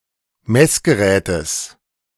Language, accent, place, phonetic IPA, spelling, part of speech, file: German, Germany, Berlin, [ˈmɛsɡəˌʁɛːtəs], Messgerätes, noun, De-Messgerätes.ogg
- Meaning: genitive singular of Messgerät